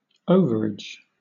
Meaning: 1. A surplus of inventory or capacity or of cash that is greater than the amount in the record of an account 2. Excess; a state of being more than it ought to be
- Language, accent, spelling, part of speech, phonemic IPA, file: English, Southern England, overage, noun, /ˈəʊvəɹɪd͡ʒ/, LL-Q1860 (eng)-overage.wav